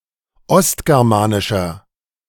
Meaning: inflection of ostgermanisch: 1. strong/mixed nominative masculine singular 2. strong genitive/dative feminine singular 3. strong genitive plural
- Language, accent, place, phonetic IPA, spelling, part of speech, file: German, Germany, Berlin, [ˈɔstɡɛʁmaːnɪʃɐ], ostgermanischer, adjective, De-ostgermanischer.ogg